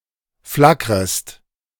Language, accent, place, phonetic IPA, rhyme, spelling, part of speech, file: German, Germany, Berlin, [ˈflakʁəst], -akʁəst, flackrest, verb, De-flackrest.ogg
- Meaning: second-person singular subjunctive I of flackern